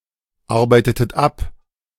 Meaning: inflection of abarbeiten: 1. second-person plural preterite 2. second-person plural subjunctive II
- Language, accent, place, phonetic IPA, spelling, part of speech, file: German, Germany, Berlin, [ˌaʁbaɪ̯tətət ˈap], arbeitetet ab, verb, De-arbeitetet ab.ogg